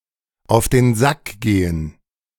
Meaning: to get on someone's nerves
- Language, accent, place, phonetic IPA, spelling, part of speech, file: German, Germany, Berlin, [aʊ̯f deːn ˈzak ˌɡeːən], auf den Sack gehen, phrase, De-auf den Sack gehen.ogg